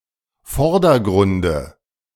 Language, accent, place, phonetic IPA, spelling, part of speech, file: German, Germany, Berlin, [ˈfɔʁdɐˌɡʁʊndə], Vordergrunde, noun, De-Vordergrunde.ogg
- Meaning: dative of Vordergrund